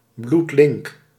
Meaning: hazardous, treacherous, very risky
- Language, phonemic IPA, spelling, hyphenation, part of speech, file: Dutch, /blutˈlɪŋk/, bloedlink, bloed‧link, adjective, Nl-bloedlink.ogg